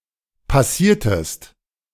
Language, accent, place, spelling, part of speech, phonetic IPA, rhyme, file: German, Germany, Berlin, passiertet, verb, [paˈsiːɐ̯tət], -iːɐ̯tət, De-passiertet.ogg
- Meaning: inflection of passieren: 1. second-person plural preterite 2. second-person plural subjunctive II